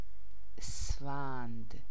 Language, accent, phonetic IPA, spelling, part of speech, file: Persian, Iran, [ʔes.fæn̪d̪̥], اسفند, proper noun, Fa-اسفند.ogg
- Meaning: 1. Esfand (the twelfth solar month of the Persian calendar) 2. Name of the fifth day of any month of the solar Persian calendar